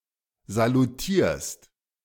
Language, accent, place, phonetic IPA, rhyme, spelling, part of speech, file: German, Germany, Berlin, [zaluˈtiːɐ̯st], -iːɐ̯st, salutierst, verb, De-salutierst.ogg
- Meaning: second-person singular present of salutieren